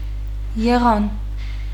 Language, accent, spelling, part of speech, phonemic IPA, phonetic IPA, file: Armenian, Eastern Armenian, եղան, verb, /jeˈʁɑn/, [jeʁɑ́n], Hy-եղան.ogg
- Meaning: third-person plural past perfect indicative of լինել (linel)